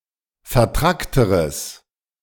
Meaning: strong/mixed nominative/accusative neuter singular comparative degree of vertrackt
- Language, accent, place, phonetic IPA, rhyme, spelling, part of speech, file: German, Germany, Berlin, [fɛɐ̯ˈtʁaktəʁəs], -aktəʁəs, vertrackteres, adjective, De-vertrackteres.ogg